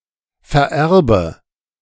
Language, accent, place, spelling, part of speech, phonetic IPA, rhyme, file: German, Germany, Berlin, vererbe, verb, [fɛɐ̯ˈʔɛʁbə], -ɛʁbə, De-vererbe.ogg
- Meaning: inflection of vererben: 1. first-person singular present 2. first/third-person singular subjunctive I 3. singular imperative